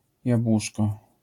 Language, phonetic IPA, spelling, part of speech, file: Polish, [jabˈwuʃkɔ], jabłuszko, noun, LL-Q809 (pol)-jabłuszko.wav